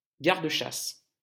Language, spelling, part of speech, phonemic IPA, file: French, garde-chasse, noun, /ɡaʁ.d(ə).ʃas/, LL-Q150 (fra)-garde-chasse.wav
- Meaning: gamekeeper